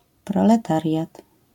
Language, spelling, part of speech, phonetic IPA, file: Polish, proletariat, noun, [ˌprɔlɛˈtarʲjat], LL-Q809 (pol)-proletariat.wav